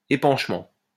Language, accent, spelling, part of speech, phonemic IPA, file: French, France, épanchement, noun, /e.pɑ̃ʃ.mɑ̃/, LL-Q150 (fra)-épanchement.wav
- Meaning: outpouring, effusion